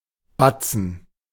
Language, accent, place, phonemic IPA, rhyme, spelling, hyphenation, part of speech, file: German, Germany, Berlin, /ˈbat͡sn̩/, -at͡sn̩, Batzen, Bat‧zen, noun, De-Batzen.ogg
- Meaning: 1. batzen (south German, Swiss, and Austrian coin) 2. lump 3. large sum of money